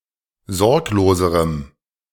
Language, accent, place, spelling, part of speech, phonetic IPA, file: German, Germany, Berlin, sorgloserem, adjective, [ˈzɔʁkloːzəʁəm], De-sorgloserem.ogg
- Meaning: strong dative masculine/neuter singular comparative degree of sorglos